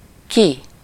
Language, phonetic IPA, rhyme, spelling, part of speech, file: Hungarian, [ˈki], -ki, ki, adverb / pronoun, Hu-ki.ogg
- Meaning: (adverb) out, not inside, from the inside, in an outward direction; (pronoun) 1. who (what person or people; which person or people) 2. synonym of aki (“who”, the person or people that)